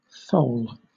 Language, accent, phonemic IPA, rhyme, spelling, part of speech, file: English, Southern England, /θəʊl/, -əʊl, thole, verb / noun, LL-Q1860 (eng)-thole.wav
- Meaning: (verb) 1. To suffer 2. To endure, to put up with, to tolerate; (noun) 1. A pin in the side of a boat which acts as a fulcrum for the oars 2. A pin, or handle, of the snath (shaft) of a scythe